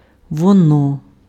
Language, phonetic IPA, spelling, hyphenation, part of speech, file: Ukrainian, [wɔˈnɔ], воно, во‧но, pronoun, Uk-воно.ogg
- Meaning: it